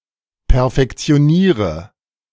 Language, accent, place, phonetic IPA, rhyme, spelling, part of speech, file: German, Germany, Berlin, [pɛɐ̯fɛkt͡si̯oˈniːʁə], -iːʁə, perfektioniere, verb, De-perfektioniere.ogg
- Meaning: inflection of perfektionieren: 1. first-person singular present 2. singular imperative 3. first/third-person singular subjunctive I